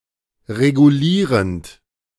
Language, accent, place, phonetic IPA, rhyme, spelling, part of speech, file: German, Germany, Berlin, [ʁeɡuˈliːʁənt], -iːʁənt, regulierend, verb, De-regulierend.ogg
- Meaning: present participle of regulieren